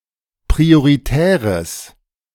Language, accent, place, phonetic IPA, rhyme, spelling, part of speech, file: German, Germany, Berlin, [pʁioʁiˈtɛːʁəs], -ɛːʁəs, prioritäres, adjective, De-prioritäres.ogg
- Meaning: strong/mixed nominative/accusative neuter singular of prioritär